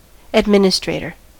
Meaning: One who administers affairs; one who directs, manages, executes, or dispenses, whether in civil, judicial, political, or ecclesiastical affairs; a manager
- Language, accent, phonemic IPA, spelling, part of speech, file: English, US, /ədˈmɪn.ɪ.stɹeɪ.tɚ/, administrator, noun, En-us-administrator.ogg